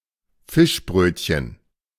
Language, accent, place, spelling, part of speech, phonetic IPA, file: German, Germany, Berlin, Fischbrötchen, noun, [ˈfɪʃˌbʁøːtçən], De-Fischbrötchen.ogg
- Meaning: fish sandwich (sandwich filled with fish, most typically herring, but also any other kind)